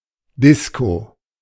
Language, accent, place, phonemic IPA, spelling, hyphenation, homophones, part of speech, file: German, Germany, Berlin, /ˈdɪsko/, Disco, Dis‧co, Disko, noun, De-Disco.ogg
- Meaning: 1. discotheque, nightclub 2. disco